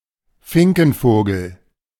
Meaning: finch (any bird of the family Fringillidae within the order Passeriformes)
- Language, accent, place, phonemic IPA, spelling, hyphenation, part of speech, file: German, Germany, Berlin, /ˈfɪŋkn̩ˌfoːɡl̩/, Finkenvogel, Fin‧ken‧vo‧gel, noun, De-Finkenvogel.ogg